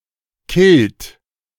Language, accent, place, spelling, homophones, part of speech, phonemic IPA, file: German, Germany, Berlin, Kilt, killt, noun, /kɪlt/, De-Kilt.ogg
- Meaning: kilt